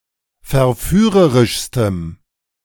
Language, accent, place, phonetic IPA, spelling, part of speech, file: German, Germany, Berlin, [fɛɐ̯ˈfyːʁəʁɪʃstəm], verführerischstem, adjective, De-verführerischstem.ogg
- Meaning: strong dative masculine/neuter singular superlative degree of verführerisch